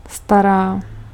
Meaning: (adjective) inflection of starý: 1. feminine nominative/vocative singular 2. neuter nominative/accusative/vocative plural; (verb) third-person singular present of starat
- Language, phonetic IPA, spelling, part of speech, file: Czech, [ˈstaraː], stará, adjective / verb, Cs-stará.ogg